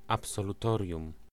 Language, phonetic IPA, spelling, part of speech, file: Polish, [ˌapsɔluˈtɔrʲjũm], absolutorium, noun, Pl-absolutorium.ogg